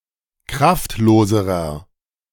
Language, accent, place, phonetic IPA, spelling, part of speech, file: German, Germany, Berlin, [ˈkʁaftˌloːzəʁɐ], kraftloserer, adjective, De-kraftloserer.ogg
- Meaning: inflection of kraftlos: 1. strong/mixed nominative masculine singular comparative degree 2. strong genitive/dative feminine singular comparative degree 3. strong genitive plural comparative degree